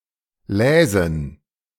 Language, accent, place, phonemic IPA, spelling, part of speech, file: German, Germany, Berlin, /ˈlɛːzn̩/, läsen, verb, De-läsen.ogg
- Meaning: first/third-person plural subjunctive II of lesen